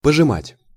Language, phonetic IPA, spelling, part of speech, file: Russian, [pəʐɨˈmatʲ], пожимать, verb, Ru-пожимать.ogg
- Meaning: to press, to squeeze (now only used in set idioms below)